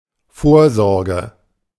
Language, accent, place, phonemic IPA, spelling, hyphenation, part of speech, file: German, Germany, Berlin, /ˈfoːɐ̯ˌzɔʁɡə/, Vorsorge, Vor‧sor‧ge, noun, De-Vorsorge.ogg
- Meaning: 1. precaution 2. provision 3. forethought 4. screening